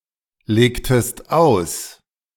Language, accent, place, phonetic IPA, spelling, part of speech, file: German, Germany, Berlin, [ˌleːktəst ˈaʊ̯s], legtest aus, verb, De-legtest aus.ogg
- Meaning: inflection of auslegen: 1. second-person singular preterite 2. second-person singular subjunctive II